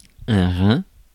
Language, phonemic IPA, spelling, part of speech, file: French, /ʁɛ̃/, rein, noun, Fr-rein.ogg
- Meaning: 1. kidney 2. small of the back, waist